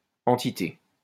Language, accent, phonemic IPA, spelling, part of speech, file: French, France, /ɑ̃.ti.te/, entité, noun, LL-Q150 (fra)-entité.wav
- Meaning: entity